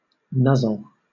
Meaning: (verb) 1. To push or thrust (the nose or snout, face or muzzle, or head, or an object) against or into something 2. To rub or touch (someone or something) with the nose, face, etc., or an object
- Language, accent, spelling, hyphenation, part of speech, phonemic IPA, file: English, Southern England, nuzzle, nuz‧zle, verb / noun, /ˈnʌzl̩/, LL-Q1860 (eng)-nuzzle.wav